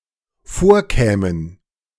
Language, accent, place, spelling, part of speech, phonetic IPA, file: German, Germany, Berlin, vorkämen, verb, [ˈfoːɐ̯ˌkɛːmən], De-vorkämen.ogg
- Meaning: first/third-person plural dependent subjunctive II of vorkommen